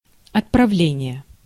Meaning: departure (the act of departing)
- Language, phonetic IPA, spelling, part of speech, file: Russian, [ɐtprɐˈvlʲenʲɪje], отправление, noun, Ru-отправление.ogg